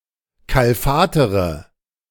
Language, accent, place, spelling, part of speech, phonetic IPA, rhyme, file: German, Germany, Berlin, kalfatere, verb, [ˌkalˈfaːtəʁə], -aːtəʁə, De-kalfatere.ogg
- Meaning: inflection of kalfatern: 1. first-person singular present 2. first/third-person singular subjunctive I 3. singular imperative